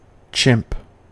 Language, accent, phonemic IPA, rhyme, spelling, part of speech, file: English, US, /t͡ʃɪmp/, -ɪmp, chimp, noun / verb, En-us-chimp.ogg
- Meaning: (noun) 1. Clipping of chimpanzee 2. A black person; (verb) 1. To review each image on a digital camera after it is taken 2. To get very excited when showing images on a digital camera